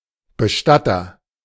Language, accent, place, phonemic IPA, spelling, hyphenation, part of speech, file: German, Germany, Berlin, /bəˈʃtatɐ/, Bestatter, Be‧stat‧ter, noun, De-Bestatter.ogg
- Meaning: agent noun of bestatten; mortician, undertaker (male or of unspecified gender)